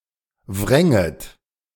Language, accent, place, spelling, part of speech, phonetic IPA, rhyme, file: German, Germany, Berlin, wränget, verb, [ˈvʁɛŋət], -ɛŋət, De-wränget.ogg
- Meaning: second-person plural subjunctive II of wringen